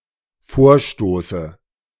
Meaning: inflection of vorstoßen: 1. first-person singular dependent present 2. first/third-person singular dependent subjunctive I
- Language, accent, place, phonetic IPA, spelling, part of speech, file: German, Germany, Berlin, [ˈfoːɐ̯ˌʃtoːsə], vorstoße, verb, De-vorstoße.ogg